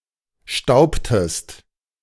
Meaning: inflection of stauben: 1. second-person singular preterite 2. second-person singular subjunctive II
- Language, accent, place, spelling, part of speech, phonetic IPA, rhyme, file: German, Germany, Berlin, staubtest, verb, [ˈʃtaʊ̯ptəst], -aʊ̯ptəst, De-staubtest.ogg